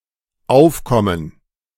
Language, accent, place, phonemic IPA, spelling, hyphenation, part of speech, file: German, Germany, Berlin, /ˈaʊ̯fkɔmən/, aufkommen, auf‧kom‧men, verb, De-aufkommen.ogg
- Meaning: to arise, to appear (in a somewhat spontaneous manner without a specified origin; of wind, but also of moods, feelings, ideas within a group or person)